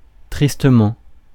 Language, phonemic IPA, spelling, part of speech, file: French, /tʁis.tə.mɑ̃/, tristement, adverb, Fr-tristement.ogg
- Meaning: sadly, gloomily, sorrowfully, miserably